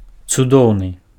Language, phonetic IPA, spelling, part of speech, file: Belarusian, [t͡suˈdou̯nɨ], цудоўны, adjective, Be-цудоўны.ogg
- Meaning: wondrous, wonderful, great, excellent